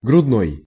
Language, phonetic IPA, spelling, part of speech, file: Russian, [ɡrʊdˈnoj], грудной, adjective, Ru-грудной.ogg
- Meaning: breast; pectoral